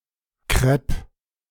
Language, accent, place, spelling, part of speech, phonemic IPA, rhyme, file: German, Germany, Berlin, Krepp, noun, /kʁɛp/, -ɛp, De-Krepp.ogg
- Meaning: 1. crape 2. rare spelling of Crêpe (“crepe (a flat round pancake-like pastry)”)